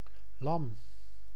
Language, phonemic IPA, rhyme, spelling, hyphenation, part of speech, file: Dutch, /lɑm/, -ɑm, lam, lam, noun / adjective, Nl-lam.ogg
- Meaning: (noun) 1. lamb, the young of a sheep 2. kid, the young of a goat 3. the meat - or fleece/wool produce of a lamb; a dish prepared from lamb's meat 4. a gentle person, especially an innocent child